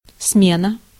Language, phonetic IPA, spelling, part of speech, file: Russian, [ˈsmʲenə], смена, noun, Ru-смена.ogg
- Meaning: 1. change, replacement 2. shift 3. relief 4. supersession 5. successors 6. Smena (Soviet 35 mm film camera)